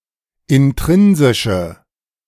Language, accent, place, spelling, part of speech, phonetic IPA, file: German, Germany, Berlin, intrinsische, adjective, [ɪnˈtʁɪnzɪʃə], De-intrinsische.ogg
- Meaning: inflection of intrinsisch: 1. strong/mixed nominative/accusative feminine singular 2. strong nominative/accusative plural 3. weak nominative all-gender singular